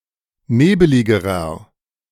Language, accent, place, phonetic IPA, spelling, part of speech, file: German, Germany, Berlin, [ˈneːbəlɪɡəʁɐ], nebeligerer, adjective, De-nebeligerer.ogg
- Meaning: inflection of nebelig: 1. strong/mixed nominative masculine singular comparative degree 2. strong genitive/dative feminine singular comparative degree 3. strong genitive plural comparative degree